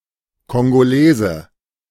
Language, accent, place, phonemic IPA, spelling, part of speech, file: German, Germany, Berlin, /kɔŋɡoˈleːzə/, Kongolese, noun, De-Kongolese.ogg
- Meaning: Congolese (person from Republic of Congo)